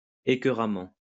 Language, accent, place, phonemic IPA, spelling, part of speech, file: French, France, Lyon, /e.kœ.ʁa.mɑ̃/, écœuramment, adverb, LL-Q150 (fra)-écœuramment.wav
- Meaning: sickeningly, nauseatingly, disgustingly